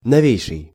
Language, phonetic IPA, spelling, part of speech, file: Russian, [nɐˈvʲejʂɨj], новейший, adjective, Ru-новейший.ogg
- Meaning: superlative degree of но́вый (nóvyj)